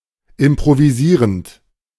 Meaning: present participle of improvisieren
- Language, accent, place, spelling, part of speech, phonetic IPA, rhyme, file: German, Germany, Berlin, improvisierend, verb, [ɪmpʁoviˈziːʁənt], -iːʁənt, De-improvisierend.ogg